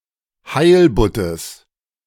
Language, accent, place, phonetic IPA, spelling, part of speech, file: German, Germany, Berlin, [ˈhaɪ̯lbʊtəs], Heilbuttes, noun, De-Heilbuttes.ogg
- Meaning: genitive of Heilbutt